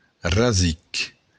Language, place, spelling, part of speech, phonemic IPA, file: Occitan, Béarn, rasic, noun, /raˈzik/, LL-Q14185 (oci)-rasic.wav
- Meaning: root